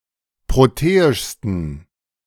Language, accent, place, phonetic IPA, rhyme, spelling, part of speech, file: German, Germany, Berlin, [ˌpʁoˈteːɪʃstn̩], -eːɪʃstn̩, proteischsten, adjective, De-proteischsten.ogg
- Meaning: 1. superlative degree of proteisch 2. inflection of proteisch: strong genitive masculine/neuter singular superlative degree